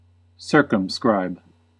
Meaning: 1. To draw a line around; to encircle 2. To limit narrowly; to restrict 3. To draw the smallest circle or higher-dimensional sphere that has (a polyhedron, polygon, etc.) in its interior
- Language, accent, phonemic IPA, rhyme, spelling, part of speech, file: English, US, /ˈsɝ.kəm.skɹaɪb/, -aɪb, circumscribe, verb, En-us-circumscribe.ogg